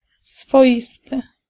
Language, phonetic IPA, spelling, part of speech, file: Polish, [sfɔˈʲistɨ], swoisty, adjective, Pl-swoisty.ogg